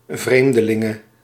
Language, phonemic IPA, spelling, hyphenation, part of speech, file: Dutch, /ˈvreːm.dəˌlɪ.ŋə/, vreemdelinge, vreem‧de‧lin‧ge, noun, Nl-vreemdelinge.ogg
- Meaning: 1. female stranger (unfamiliar woman hailing from elsewhere) 2. female foreigner